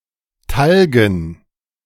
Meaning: dative plural of Talg
- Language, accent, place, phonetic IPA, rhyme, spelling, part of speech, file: German, Germany, Berlin, [ˈtalɡn̩], -alɡn̩, Talgen, noun, De-Talgen.ogg